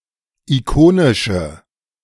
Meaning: inflection of ikonisch: 1. strong/mixed nominative/accusative feminine singular 2. strong nominative/accusative plural 3. weak nominative all-gender singular
- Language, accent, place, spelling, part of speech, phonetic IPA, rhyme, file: German, Germany, Berlin, ikonische, adjective, [iˈkoːnɪʃə], -oːnɪʃə, De-ikonische.ogg